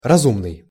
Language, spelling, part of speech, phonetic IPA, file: Russian, разумный, adjective, [rɐˈzumnɨj], Ru-разумный.ogg
- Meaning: 1. rational 2. reasonable, sensible 3. clever, wise